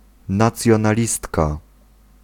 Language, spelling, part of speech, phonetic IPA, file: Polish, nacjonalistka, noun, [ˌnat͡sʲjɔ̃naˈlʲistka], Pl-nacjonalistka.ogg